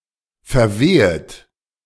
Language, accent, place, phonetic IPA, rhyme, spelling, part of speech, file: German, Germany, Berlin, [fɛɐ̯ˈveːət], -eːət, verwehet, verb, De-verwehet.ogg
- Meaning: second-person plural subjunctive I of verwehen